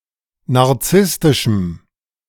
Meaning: strong dative masculine/neuter singular of narzisstisch
- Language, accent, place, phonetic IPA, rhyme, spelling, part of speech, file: German, Germany, Berlin, [naʁˈt͡sɪstɪʃm̩], -ɪstɪʃm̩, narzisstischem, adjective, De-narzisstischem.ogg